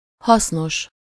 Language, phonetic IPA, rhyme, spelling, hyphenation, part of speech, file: Hungarian, [ˈhɒsnoʃ], -oʃ, hasznos, hasz‧nos, adjective, Hu-hasznos.ogg
- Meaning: useful (having a practical or beneficial use)